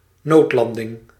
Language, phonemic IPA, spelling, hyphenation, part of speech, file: Dutch, /ˈnoːtˌlɑn.dɪŋ/, noodlanding, nood‧lan‧ding, noun, Nl-noodlanding.ogg
- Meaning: an emergency landing